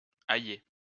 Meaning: to add garlic (to)
- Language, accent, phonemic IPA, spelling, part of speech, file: French, France, /a.je/, ailler, verb, LL-Q150 (fra)-ailler.wav